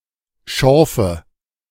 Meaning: nominative/accusative/genitive plural of Schorf
- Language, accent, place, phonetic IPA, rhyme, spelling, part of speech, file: German, Germany, Berlin, [ˈʃɔʁfə], -ɔʁfə, Schorfe, noun, De-Schorfe.ogg